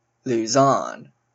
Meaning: The largest island of the Philippines
- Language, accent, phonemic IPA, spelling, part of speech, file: English, Canada, /ˈluˌzɔn/, Luzon, proper noun, En-ca-Luzon.oga